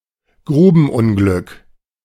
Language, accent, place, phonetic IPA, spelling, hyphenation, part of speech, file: German, Germany, Berlin, [ˈɡʁuːbn̩ˌʊnɡlʏk], Grubenunglück, Gru‧ben‧un‧glück, noun, De-Grubenunglück.ogg
- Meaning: mining accident